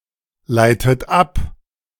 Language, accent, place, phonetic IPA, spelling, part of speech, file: German, Germany, Berlin, [ˌlaɪ̯tət ˈap], leitet ab, verb, De-leitet ab.ogg
- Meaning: inflection of ableiten: 1. third-person singular present 2. second-person plural present 3. second-person plural subjunctive I 4. plural imperative